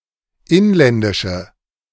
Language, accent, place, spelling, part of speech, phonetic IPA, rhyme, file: German, Germany, Berlin, inländische, adjective, [ˈɪnlɛndɪʃə], -ɪnlɛndɪʃə, De-inländische.ogg
- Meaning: inflection of inländisch: 1. strong/mixed nominative/accusative feminine singular 2. strong nominative/accusative plural 3. weak nominative all-gender singular